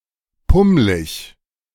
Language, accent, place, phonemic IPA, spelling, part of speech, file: German, Germany, Berlin, /ˈpʊmlɪç/, pummlig, adjective, De-pummlig.ogg
- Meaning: alternative form of pummelig